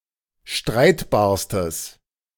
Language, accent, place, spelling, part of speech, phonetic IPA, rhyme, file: German, Germany, Berlin, streitbarstes, adjective, [ˈʃtʁaɪ̯tbaːɐ̯stəs], -aɪ̯tbaːɐ̯stəs, De-streitbarstes.ogg
- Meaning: strong/mixed nominative/accusative neuter singular superlative degree of streitbar